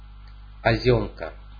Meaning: drifting snow, blowing snow
- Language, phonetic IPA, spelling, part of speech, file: Russian, [pɐˈzʲɵmkə], позёмка, noun, Ru-позёмка.ogg